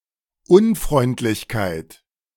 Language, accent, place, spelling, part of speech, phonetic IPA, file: German, Germany, Berlin, Unfreundlichkeit, noun, [ˈʔʊnfʁɔɪ̯ntlɪçkaɪ̯t], De-Unfreundlichkeit.ogg
- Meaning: 1. unkindness, unfriendliness (the state of being unkind) 2. unkindness, unfriendliness (an act of unkindness)